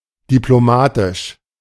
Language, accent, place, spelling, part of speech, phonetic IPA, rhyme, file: German, Germany, Berlin, diplomatisch, adjective, [diploˈmaːtɪʃ], -aːtɪʃ, De-diplomatisch.ogg
- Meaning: diplomatic